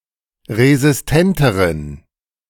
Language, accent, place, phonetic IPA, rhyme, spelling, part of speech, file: German, Germany, Berlin, [ʁezɪsˈtɛntəʁən], -ɛntəʁən, resistenteren, adjective, De-resistenteren.ogg
- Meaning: inflection of resistent: 1. strong genitive masculine/neuter singular comparative degree 2. weak/mixed genitive/dative all-gender singular comparative degree